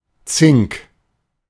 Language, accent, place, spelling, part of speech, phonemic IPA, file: German, Germany, Berlin, Zink, noun, /tsɪŋk/, De-Zink.ogg
- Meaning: 1. zinc 2. cornetto (a trumpet-like wind instrument used in European music of the Medieval, Renaissance, and Baroque periods)